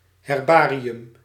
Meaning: 1. herbarium 2. herbarium book
- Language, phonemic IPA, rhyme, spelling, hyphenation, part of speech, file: Dutch, /ˌɦɛrˈbaː.ri.ʏm/, -aːriʏm, herbarium, her‧ba‧ri‧um, noun, Nl-herbarium.ogg